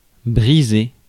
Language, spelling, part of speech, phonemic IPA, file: French, briser, verb, /bʁi.ze/, Fr-briser.ogg
- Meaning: 1. to break; snap 2. to become broken; snap